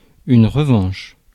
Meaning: 1. revenge; vengeance 2. rematch
- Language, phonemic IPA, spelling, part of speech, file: French, /ʁə.vɑ̃ʃ/, revanche, noun, Fr-revanche.ogg